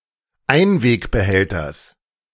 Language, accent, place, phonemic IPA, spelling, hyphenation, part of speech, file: German, Germany, Berlin, /ˈaɪ̯nveːkbəˌhɛltɐs/, Einwegbehälters, Ein‧weg‧be‧häl‧ters, noun, De-Einwegbehälters.ogg
- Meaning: genitive singular of Einwegbehälter